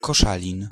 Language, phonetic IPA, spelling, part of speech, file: Polish, [kɔˈʃalʲĩn], Koszalin, proper noun, Pl-Koszalin.ogg